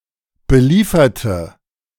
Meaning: inflection of beliefern: 1. first/third-person singular preterite 2. first/third-person singular subjunctive II
- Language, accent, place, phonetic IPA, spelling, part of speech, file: German, Germany, Berlin, [bəˈliːfɐtə], belieferte, adjective / verb, De-belieferte.ogg